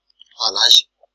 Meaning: civet
- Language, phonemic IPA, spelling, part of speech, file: Malagasy, /alazʲ/, alazy, noun, Mg-alazy.ogg